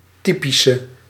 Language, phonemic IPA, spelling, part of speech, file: Dutch, /ˈtipisə/, typische, adjective, Nl-typische.ogg
- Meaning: inflection of typisch: 1. masculine/feminine singular attributive 2. definite neuter singular attributive 3. plural attributive